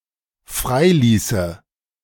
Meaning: first/third-person singular dependent subjunctive II of freilassen
- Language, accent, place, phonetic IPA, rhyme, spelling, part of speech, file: German, Germany, Berlin, [ˈfʁaɪ̯ˌliːsə], -aɪ̯liːsə, freiließe, verb, De-freiließe.ogg